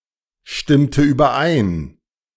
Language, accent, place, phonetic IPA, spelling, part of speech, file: German, Germany, Berlin, [ˌʃtɪmtə yːbɐˈʔaɪ̯n], stimmte überein, verb, De-stimmte überein.ogg
- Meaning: inflection of übereinstimmen: 1. first/third-person singular preterite 2. first/third-person singular subjunctive II